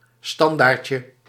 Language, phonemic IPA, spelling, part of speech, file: Dutch, /ˈstɑndarcə/, standaardje, noun, Nl-standaardje.ogg
- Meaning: diminutive of standaard